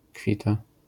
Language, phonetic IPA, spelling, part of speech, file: Polish, [ˈkfʲita], kwita, interjection, LL-Q809 (pol)-kwita.wav